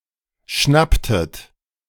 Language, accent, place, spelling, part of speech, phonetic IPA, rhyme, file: German, Germany, Berlin, schnapptet, verb, [ˈʃnaptət], -aptət, De-schnapptet.ogg
- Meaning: inflection of schnappen: 1. second-person plural preterite 2. second-person plural subjunctive II